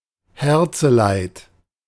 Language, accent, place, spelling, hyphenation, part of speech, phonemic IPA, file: German, Germany, Berlin, Herzeleid, Her‧ze‧leid, noun, /ˈhɛʁt͡səˌlaɪ̯t/, De-Herzeleid.ogg
- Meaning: heartbreak